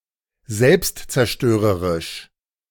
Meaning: self-destructive
- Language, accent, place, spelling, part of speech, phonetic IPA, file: German, Germany, Berlin, selbstzerstörerisch, adjective, [ˈzɛlpstt͡sɛɐ̯ˌʃtøːʁəʁɪʃ], De-selbstzerstörerisch.ogg